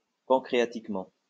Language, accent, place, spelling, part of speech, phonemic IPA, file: French, France, Lyon, pancréatiquement, adverb, /pɑ̃.kʁe.a.tik.mɑ̃/, LL-Q150 (fra)-pancréatiquement.wav
- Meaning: pancreatically